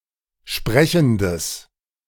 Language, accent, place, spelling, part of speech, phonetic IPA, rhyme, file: German, Germany, Berlin, sprechendes, adjective, [ˈʃpʁɛçn̩dəs], -ɛçn̩dəs, De-sprechendes.ogg
- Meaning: strong/mixed nominative/accusative neuter singular of sprechend